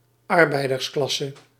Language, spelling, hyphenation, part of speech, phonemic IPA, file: Dutch, arbeidersklasse, ar‧bei‧ders‧klas‧se, noun, /ˈɑr.bɛi̯.dərsˌklɑ.sə/, Nl-arbeidersklasse.ogg
- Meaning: working class (socio-economic class of physical workers)